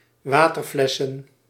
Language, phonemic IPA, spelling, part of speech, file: Dutch, /ˈwatərˌflɛsə(n)/, waterflessen, noun, Nl-waterflessen.ogg
- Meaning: plural of waterfles